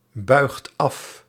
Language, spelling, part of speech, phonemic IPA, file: Dutch, buigt af, verb, /ˈbœyxt ˈɑf/, Nl-buigt af.ogg
- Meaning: inflection of afbuigen: 1. second/third-person singular present indicative 2. plural imperative